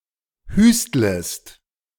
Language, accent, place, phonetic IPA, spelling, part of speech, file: German, Germany, Berlin, [ˈhyːstləst], hüstlest, verb, De-hüstlest.ogg
- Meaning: second-person singular subjunctive I of hüsteln